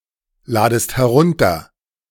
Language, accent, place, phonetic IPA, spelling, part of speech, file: German, Germany, Berlin, [ˌlaːdəst hɛˈʁʊntɐ], ladest herunter, verb, De-ladest herunter.ogg
- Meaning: second-person singular subjunctive I of herunterladen